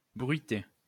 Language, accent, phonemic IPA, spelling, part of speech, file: French, France, /bʁɥi.te/, bruiter, verb, LL-Q150 (fra)-bruiter.wav
- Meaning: 1. to make noise 2. to do the sound effects, produce foley